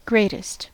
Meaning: superlative form of great: most great
- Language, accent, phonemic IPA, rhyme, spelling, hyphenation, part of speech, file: English, US, /ˈɡɹeɪ.tɪst/, -eɪtɪst, greatest, great‧est, adjective, En-us-greatest.ogg